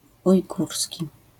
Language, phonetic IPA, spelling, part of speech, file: Polish, [ujˈɡursʲci], ujgurski, adjective / noun, LL-Q809 (pol)-ujgurski.wav